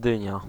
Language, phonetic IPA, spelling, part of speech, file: Polish, [ˈdɨ̃ɲa], dynia, noun, Pl-dynia.ogg